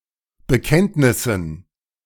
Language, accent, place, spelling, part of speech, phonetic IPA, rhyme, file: German, Germany, Berlin, Bekenntnissen, noun, [bəˈkɛntnɪsn̩], -ɛntnɪsn̩, De-Bekenntnissen.ogg
- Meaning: dative plural of Bekenntnis